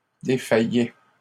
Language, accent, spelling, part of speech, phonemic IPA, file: French, Canada, défaillait, verb, /de.fa.jɛ/, LL-Q150 (fra)-défaillait.wav
- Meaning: third-person singular imperfect indicative of défaillir